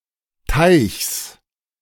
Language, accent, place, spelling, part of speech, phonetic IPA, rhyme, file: German, Germany, Berlin, Teichs, noun, [taɪ̯çs], -aɪ̯çs, De-Teichs.ogg
- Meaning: genitive singular of Teich